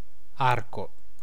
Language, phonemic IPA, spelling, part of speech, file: Italian, /ˈarko/, arco, noun, It-arco.ogg